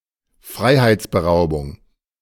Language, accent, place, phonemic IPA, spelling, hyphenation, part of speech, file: German, Germany, Berlin, /ˈfʁaɪ̯haɪ̯t͡sbəˌʁaʊ̯bʊŋ/, Freiheitsberaubung, Frei‧heits‧be‧rau‧bung, noun, De-Freiheitsberaubung.ogg
- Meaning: false imprisonment (the crime of confining a person in a place without being legally authorised to do so)